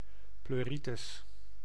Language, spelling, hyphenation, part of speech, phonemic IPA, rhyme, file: Dutch, pleuritis, pleu‧ri‧tis, noun, /ˌpløːˈri.təs/, -itəs, Nl-pleuritis.ogg
- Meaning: pleurisy, pleuritis